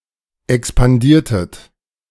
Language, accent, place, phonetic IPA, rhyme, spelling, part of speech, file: German, Germany, Berlin, [ɛkspanˈdiːɐ̯tət], -iːɐ̯tət, expandiertet, verb, De-expandiertet.ogg
- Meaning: inflection of expandieren: 1. second-person plural preterite 2. second-person plural subjunctive II